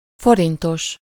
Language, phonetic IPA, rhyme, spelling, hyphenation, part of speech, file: Hungarian, [ˈforintoʃ], -oʃ, forintos, fo‧rin‧tos, adjective, Hu-forintos.ogg
- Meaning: worth ... forint/forints